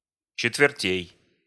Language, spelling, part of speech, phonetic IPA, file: Russian, четвертей, noun, [t͡ɕɪtvʲɪrˈtʲej], Ru-четвертей.ogg
- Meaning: genitive plural of че́тверть (čétvertʹ)